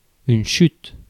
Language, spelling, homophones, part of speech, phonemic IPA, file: French, chute, chut, noun / verb, /ʃyt/, Fr-chute.ogg
- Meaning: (noun) 1. fall 2. fall, drop (e.g. in price) 3. fall, collapse, downfall 4. ellipsis of chute d'eau waterfall